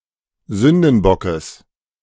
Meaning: genitive singular of Sündenbock
- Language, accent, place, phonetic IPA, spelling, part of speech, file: German, Germany, Berlin, [ˈzʏndn̩ˌbɔkəs], Sündenbockes, noun, De-Sündenbockes.ogg